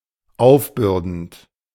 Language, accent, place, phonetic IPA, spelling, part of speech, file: German, Germany, Berlin, [ˈaʊ̯fˌbʏʁdn̩t], aufbürdend, verb, De-aufbürdend.ogg
- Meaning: present participle of aufbürden